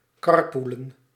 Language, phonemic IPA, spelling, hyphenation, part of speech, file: Dutch, /ˈkɑrˌpuːlə(n)/, carpoolen, car‧poo‧len, verb, Nl-carpoolen.ogg
- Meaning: to carpool; to share a car to save fuel, fuel costs, etc